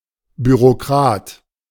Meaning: bureaucrat
- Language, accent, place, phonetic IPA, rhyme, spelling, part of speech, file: German, Germany, Berlin, [ˌbyʁoˈkʁaːt], -aːt, Bürokrat, noun, De-Bürokrat.ogg